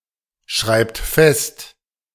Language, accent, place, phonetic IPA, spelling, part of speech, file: German, Germany, Berlin, [ˌʃʁaɪ̯pt ˈfɛst], schreibt fest, verb, De-schreibt fest.ogg
- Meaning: inflection of festschreiben: 1. third-person singular present 2. second-person plural present 3. plural imperative